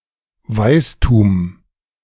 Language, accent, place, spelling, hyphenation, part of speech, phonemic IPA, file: German, Germany, Berlin, Weistum, Weis‧tum, noun, /ˈvaɪ̯stuːm/, De-Weistum.ogg
- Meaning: legal sentence, award (chiefly regarding communities in rural areas with partially oral legal traditions)